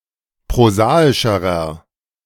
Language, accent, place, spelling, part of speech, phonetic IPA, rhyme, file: German, Germany, Berlin, prosaischerer, adjective, [pʁoˈzaːɪʃəʁɐ], -aːɪʃəʁɐ, De-prosaischerer.ogg
- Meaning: inflection of prosaisch: 1. strong/mixed nominative masculine singular comparative degree 2. strong genitive/dative feminine singular comparative degree 3. strong genitive plural comparative degree